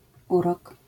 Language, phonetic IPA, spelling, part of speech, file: Polish, [ˈurɔk], urok, noun, LL-Q809 (pol)-urok.wav